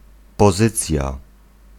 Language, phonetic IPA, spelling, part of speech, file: Polish, [pɔˈzɨt͡sʲja], pozycja, noun, Pl-pozycja.ogg